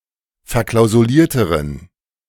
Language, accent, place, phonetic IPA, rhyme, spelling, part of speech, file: German, Germany, Berlin, [fɛɐ̯ˌklaʊ̯zuˈliːɐ̯təʁən], -iːɐ̯təʁən, verklausulierteren, adjective, De-verklausulierteren.ogg
- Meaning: inflection of verklausuliert: 1. strong genitive masculine/neuter singular comparative degree 2. weak/mixed genitive/dative all-gender singular comparative degree